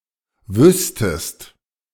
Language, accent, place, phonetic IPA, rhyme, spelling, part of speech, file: German, Germany, Berlin, [ˈvʏstəst], -ʏstəst, wüsstest, verb, De-wüsstest.ogg
- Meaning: second-person singular subjunctive II of wissen